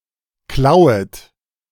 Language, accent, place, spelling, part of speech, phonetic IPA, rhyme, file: German, Germany, Berlin, klauet, verb, [ˈklaʊ̯ət], -aʊ̯ət, De-klauet.ogg
- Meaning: second-person plural subjunctive I of klauen